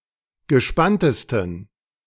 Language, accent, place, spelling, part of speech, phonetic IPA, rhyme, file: German, Germany, Berlin, gespanntesten, adjective, [ɡəˈʃpantəstn̩], -antəstn̩, De-gespanntesten.ogg
- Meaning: 1. superlative degree of gespannt 2. inflection of gespannt: strong genitive masculine/neuter singular superlative degree